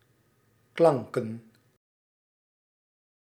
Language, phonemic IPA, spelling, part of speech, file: Dutch, /ˈklɑŋkə(n)/, klanken, noun, Nl-klanken.ogg
- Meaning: plural of klank